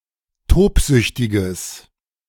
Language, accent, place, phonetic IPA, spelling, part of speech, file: German, Germany, Berlin, [ˈtoːpˌzʏçtɪɡəs], tobsüchtiges, adjective, De-tobsüchtiges.ogg
- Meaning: strong/mixed nominative/accusative neuter singular of tobsüchtig